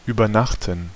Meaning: to stay overnight, to overnight, stay the night, sleep over
- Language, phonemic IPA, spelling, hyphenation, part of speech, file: German, /yːbəʁˈnaxtən/, übernachten, über‧nach‧ten, verb, De-übernachten.ogg